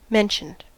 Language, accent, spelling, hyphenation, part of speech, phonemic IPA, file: English, US, mentioned, men‧tioned, verb, /ˈmɛnʃənd/, En-us-mentioned.ogg
- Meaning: simple past and past participle of mention